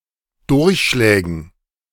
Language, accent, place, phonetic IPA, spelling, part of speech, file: German, Germany, Berlin, [ˈdʊʁçˌʃlɛːɡn̩], Durchschlägen, noun, De-Durchschlägen.ogg
- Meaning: dative plural of Durchschlag